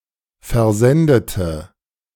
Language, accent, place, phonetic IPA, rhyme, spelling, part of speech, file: German, Germany, Berlin, [fɛɐ̯ˈzɛndətə], -ɛndətə, versendete, adjective / verb, De-versendete.ogg
- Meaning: inflection of versenden: 1. first/third-person singular preterite 2. first/third-person singular subjunctive II